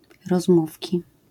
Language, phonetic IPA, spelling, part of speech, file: Polish, [rɔzˈmufʲci], rozmówki, noun, LL-Q809 (pol)-rozmówki.wav